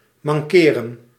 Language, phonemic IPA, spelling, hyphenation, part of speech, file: Dutch, /ˌmɑŋˈkeː.rə(n)/, mankeren, man‧ke‧ren, verb, Nl-mankeren.ogg
- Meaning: 1. to be sick, to ail 2. to be amiss, to be wrong 3. to lack, to be missing 4. to have an ailment or problem